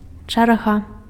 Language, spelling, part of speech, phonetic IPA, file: Belarusian, чарга, noun, [t͡ʂarˈɣa], Be-чарга.ogg
- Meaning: turn, queue